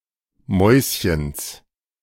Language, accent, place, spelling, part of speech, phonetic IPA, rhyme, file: German, Germany, Berlin, Mäuschens, noun, [ˈmɔɪ̯sçəns], -ɔɪ̯sçəns, De-Mäuschens.ogg
- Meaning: genitive singular of Mäuschen